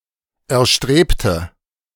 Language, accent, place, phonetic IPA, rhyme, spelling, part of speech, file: German, Germany, Berlin, [ɛɐ̯ˈʃtʁeːptə], -eːptə, erstrebte, adjective / verb, De-erstrebte.ogg
- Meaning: inflection of erstreben: 1. first/third-person singular preterite 2. first/third-person singular subjunctive II